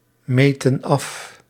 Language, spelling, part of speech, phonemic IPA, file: Dutch, meten af, verb, /ˈmetə(n) ˈɑf/, Nl-meten af.ogg
- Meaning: inflection of afmeten: 1. plural present indicative 2. plural present subjunctive